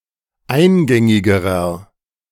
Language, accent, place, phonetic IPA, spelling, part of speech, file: German, Germany, Berlin, [ˈaɪ̯nˌɡɛŋɪɡəʁɐ], eingängigerer, adjective, De-eingängigerer.ogg
- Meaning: inflection of eingängig: 1. strong/mixed nominative masculine singular comparative degree 2. strong genitive/dative feminine singular comparative degree 3. strong genitive plural comparative degree